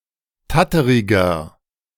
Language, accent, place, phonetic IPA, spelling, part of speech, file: German, Germany, Berlin, [ˈtatəʁɪɡɐ], tatteriger, adjective, De-tatteriger.ogg
- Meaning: 1. comparative degree of tatterig 2. inflection of tatterig: strong/mixed nominative masculine singular 3. inflection of tatterig: strong genitive/dative feminine singular